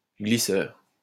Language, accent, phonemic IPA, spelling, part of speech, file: French, France, /ɡli.sœʁ/, glisseur, noun, LL-Q150 (fra)-glisseur.wav
- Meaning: 1. slider (person who slides) 2. couple (turning force, masculine only)